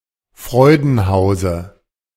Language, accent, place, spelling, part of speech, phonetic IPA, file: German, Germany, Berlin, Freudenhause, noun, [ˈfʁɔɪ̯dn̩ˌhaʊ̯zə], De-Freudenhause.ogg
- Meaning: dative singular of Freudenhaus